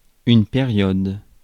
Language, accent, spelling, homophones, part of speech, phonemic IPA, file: French, France, période, périodes, noun, /pe.ʁjɔd/, Fr-période.ogg
- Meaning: 1. period; as in interval of time 2. era 3. point, locus